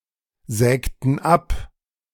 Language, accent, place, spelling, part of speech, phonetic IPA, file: German, Germany, Berlin, sägten ab, verb, [ˌzɛːktn̩ ˈap], De-sägten ab.ogg
- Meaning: inflection of absägen: 1. first/third-person plural preterite 2. first/third-person plural subjunctive II